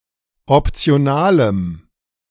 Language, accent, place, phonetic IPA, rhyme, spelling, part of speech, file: German, Germany, Berlin, [ɔpt͡si̯oˈnaːləm], -aːləm, optionalem, adjective, De-optionalem.ogg
- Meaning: strong dative masculine/neuter singular of optional